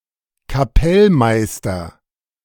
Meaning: kapellmeister
- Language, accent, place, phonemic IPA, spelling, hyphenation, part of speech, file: German, Germany, Berlin, /kaˈpɛlˌmaɪ̯stɐ/, Kapellmeister, Ka‧pell‧meis‧ter, noun, De-Kapellmeister.ogg